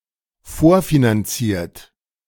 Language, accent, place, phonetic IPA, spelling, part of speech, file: German, Germany, Berlin, [ˈfoːɐ̯finanˌt͡siːɐ̯t], vorfinanziert, verb, De-vorfinanziert.ogg
- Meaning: past participle of vorfinanzieren